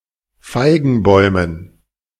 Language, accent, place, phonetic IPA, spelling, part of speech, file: German, Germany, Berlin, [ˈfaɪ̯ɡn̩ˌbɔɪ̯mən], Feigenbäumen, noun, De-Feigenbäumen.ogg
- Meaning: dative plural of Feigenbaum